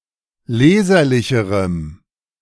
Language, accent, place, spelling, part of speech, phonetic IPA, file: German, Germany, Berlin, leserlicherem, adjective, [ˈleːzɐlɪçəʁəm], De-leserlicherem.ogg
- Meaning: strong dative masculine/neuter singular comparative degree of leserlich